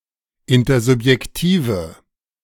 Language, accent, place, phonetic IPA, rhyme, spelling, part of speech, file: German, Germany, Berlin, [ˌɪntɐzʊpjɛkˈtiːvə], -iːvə, intersubjektive, adjective, De-intersubjektive.ogg
- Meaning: inflection of intersubjektiv: 1. strong/mixed nominative/accusative feminine singular 2. strong nominative/accusative plural 3. weak nominative all-gender singular